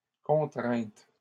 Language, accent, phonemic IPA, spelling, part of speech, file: French, Canada, /kɔ̃.tʁɛ̃t/, contrainte, noun / verb, LL-Q150 (fra)-contrainte.wav
- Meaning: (noun) 1. constraint 2. requirement, demand 3. stress; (verb) 1. third-person singular present indicative of contraindre 2. feminine singular of contraint